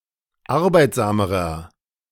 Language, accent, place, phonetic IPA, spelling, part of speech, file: German, Germany, Berlin, [ˈaʁbaɪ̯tzaːməʁɐ], arbeitsamerer, adjective, De-arbeitsamerer.ogg
- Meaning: inflection of arbeitsam: 1. strong/mixed nominative masculine singular comparative degree 2. strong genitive/dative feminine singular comparative degree 3. strong genitive plural comparative degree